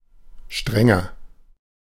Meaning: 1. comparative degree of streng 2. inflection of streng: strong/mixed nominative masculine singular 3. inflection of streng: strong genitive/dative feminine singular
- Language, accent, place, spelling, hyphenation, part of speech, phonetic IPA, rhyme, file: German, Germany, Berlin, strenger, stren‧ger, adjective, [ˈʃtʁɛŋɐ], -ɛŋɐ, De-strenger.ogg